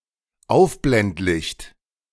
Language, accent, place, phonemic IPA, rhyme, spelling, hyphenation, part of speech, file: German, Germany, Berlin, /ˈaʊ̯fblɛntˌlɪçt/, -ɪçt, Aufblendlicht, Auf‧blend‧licht, noun, De-Aufblendlicht.ogg
- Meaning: high-beam